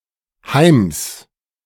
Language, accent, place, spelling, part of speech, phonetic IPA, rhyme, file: German, Germany, Berlin, Heims, noun, [haɪ̯ms], -aɪ̯ms, De-Heims.ogg
- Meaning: genitive singular of Heim